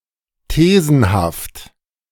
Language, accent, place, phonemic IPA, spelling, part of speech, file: German, Germany, Berlin, /ˈteːzn̩haft/, thesenhaft, adjective, De-thesenhaft.ogg
- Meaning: in the form of a thesis